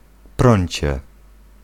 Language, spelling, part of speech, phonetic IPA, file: Polish, prącie, noun, [ˈprɔ̃ɲt͡ɕɛ], Pl-prącie.ogg